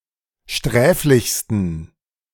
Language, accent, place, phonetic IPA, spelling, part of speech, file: German, Germany, Berlin, [ˈʃtʁɛːflɪçstn̩], sträflichsten, adjective, De-sträflichsten.ogg
- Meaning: 1. superlative degree of sträflich 2. inflection of sträflich: strong genitive masculine/neuter singular superlative degree